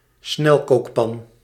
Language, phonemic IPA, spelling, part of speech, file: Dutch, /ˈsnɛlkoːkpɑn/, snelkookpan, noun, Nl-snelkookpan.ogg
- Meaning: pressure cooker